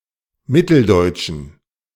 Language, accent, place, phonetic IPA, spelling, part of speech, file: German, Germany, Berlin, [ˈmɪtl̩ˌdɔɪ̯tʃn̩], mitteldeutschen, adjective, De-mitteldeutschen.ogg
- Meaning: inflection of mitteldeutsch: 1. strong genitive masculine/neuter singular 2. weak/mixed genitive/dative all-gender singular 3. strong/weak/mixed accusative masculine singular 4. strong dative plural